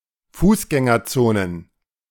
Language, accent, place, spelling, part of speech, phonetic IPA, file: German, Germany, Berlin, Fußgängerzonen, noun, [ˈfuːsɡɛŋɐˌt͡soːnən], De-Fußgängerzonen.ogg
- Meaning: plural of Fußgängerzone